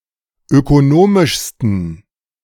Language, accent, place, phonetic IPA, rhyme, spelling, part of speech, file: German, Germany, Berlin, [økoˈnoːmɪʃstn̩], -oːmɪʃstn̩, ökonomischsten, adjective, De-ökonomischsten.ogg
- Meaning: 1. superlative degree of ökonomisch 2. inflection of ökonomisch: strong genitive masculine/neuter singular superlative degree